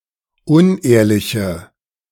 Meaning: inflection of unehrlich: 1. strong/mixed nominative/accusative feminine singular 2. strong nominative/accusative plural 3. weak nominative all-gender singular
- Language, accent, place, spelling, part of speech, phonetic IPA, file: German, Germany, Berlin, unehrliche, adjective, [ˈʊnˌʔeːɐ̯lɪçə], De-unehrliche.ogg